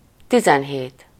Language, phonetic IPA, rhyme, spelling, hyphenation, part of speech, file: Hungarian, [ˈtizɛnɦeːt], -eːt, tizenhét, ti‧zen‧hét, numeral, Hu-tizenhét.ogg
- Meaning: seventeen